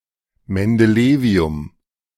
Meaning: mendelevium
- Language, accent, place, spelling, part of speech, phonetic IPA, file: German, Germany, Berlin, Mendelevium, noun, [mɛndəˈleːvi̯ʊm], De-Mendelevium.ogg